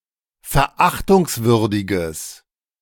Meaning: strong/mixed nominative/accusative neuter singular of verachtungswürdig
- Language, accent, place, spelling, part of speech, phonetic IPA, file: German, Germany, Berlin, verachtungswürdiges, adjective, [fɛɐ̯ˈʔaxtʊŋsˌvʏʁdɪɡəs], De-verachtungswürdiges.ogg